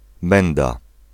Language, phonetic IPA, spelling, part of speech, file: Polish, [ˈmɛ̃nda], menda, noun, Pl-menda.ogg